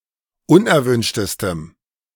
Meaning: strong dative masculine/neuter singular superlative degree of unerwünscht
- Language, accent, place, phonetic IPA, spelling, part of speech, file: German, Germany, Berlin, [ˈʊnʔɛɐ̯ˌvʏnʃtəstəm], unerwünschtestem, adjective, De-unerwünschtestem.ogg